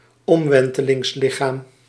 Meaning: surface of revolution
- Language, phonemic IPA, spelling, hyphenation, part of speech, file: Dutch, /ˈɔmˌʋɛn.tə.lɪŋsˌlɪ.xaːm/, omwentelingslichaam, om‧wen‧te‧lings‧li‧chaam, noun, Nl-omwentelingslichaam.ogg